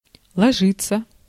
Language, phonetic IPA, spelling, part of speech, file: Russian, [ɫɐˈʐɨt͡sːə], ложиться, verb, Ru-ложиться.ogg
- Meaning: 1. to lie down 2. to fall, to cover (of snow, etc.) 3. passive of ложи́ть (ložítʹ)